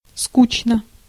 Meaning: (adverb) tediously, boringly (in a tedious manner); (adjective) 1. one is bored 2. short neuter singular of ску́чный (skúšnyj, skúčnyj)
- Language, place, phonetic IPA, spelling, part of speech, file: Russian, Saint Petersburg, [ˈskut͡ɕnə], скучно, adverb / adjective, Ru-скучно.ogg